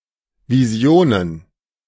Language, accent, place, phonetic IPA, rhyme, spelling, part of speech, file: German, Germany, Berlin, [viˈzi̯oːnən], -oːnən, Visionen, noun, De-Visionen.ogg
- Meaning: plural of Vision